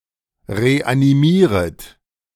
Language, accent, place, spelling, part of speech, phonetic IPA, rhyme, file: German, Germany, Berlin, reanimieret, verb, [ʁeʔaniˈmiːʁət], -iːʁət, De-reanimieret.ogg
- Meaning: second-person plural subjunctive I of reanimieren